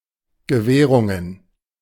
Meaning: plural of Gewährung
- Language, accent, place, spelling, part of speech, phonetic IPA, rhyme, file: German, Germany, Berlin, Gewährungen, noun, [ɡəˈvɛːʁʊŋən], -ɛːʁʊŋən, De-Gewährungen.ogg